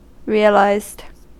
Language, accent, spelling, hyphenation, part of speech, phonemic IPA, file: English, US, realised, re‧al‧ised, verb, /ˈɹi.ə.laɪzd/, En-us-realised.ogg
- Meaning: simple past and past participle of realise